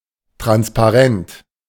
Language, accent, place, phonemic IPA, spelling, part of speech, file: German, Germany, Berlin, /ˌtʁanspaˈʁɛnt/, transparent, adjective, De-transparent.ogg
- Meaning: 1. translucent (allowing light to pass through) 2. fully transparent; see-through 3. transparent